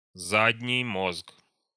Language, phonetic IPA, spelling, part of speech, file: Russian, [ˈzadʲnʲɪj ˈmosk], задний мозг, noun, Ru-задний мозг.ogg
- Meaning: 1. hindbrain 2. rhombencephalon